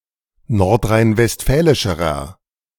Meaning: inflection of nordrhein-westfälisch: 1. strong/mixed nominative masculine singular comparative degree 2. strong genitive/dative feminine singular comparative degree
- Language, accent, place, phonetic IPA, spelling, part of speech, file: German, Germany, Berlin, [ˌnɔʁtʁaɪ̯nvɛstˈfɛːlɪʃəʁɐ], nordrhein-westfälischerer, adjective, De-nordrhein-westfälischerer.ogg